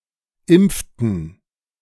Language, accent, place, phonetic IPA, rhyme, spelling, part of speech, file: German, Germany, Berlin, [ˈɪmp͡ftn̩], -ɪmp͡ftn̩, impften, verb, De-impften.ogg
- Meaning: inflection of impfen: 1. first/third-person plural preterite 2. first/third-person plural subjunctive II